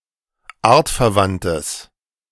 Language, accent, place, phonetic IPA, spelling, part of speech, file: German, Germany, Berlin, [ˈaːɐ̯tfɛɐ̯ˌvantəs], artverwandtes, adjective, De-artverwandtes.ogg
- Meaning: strong/mixed nominative/accusative neuter singular of artverwandt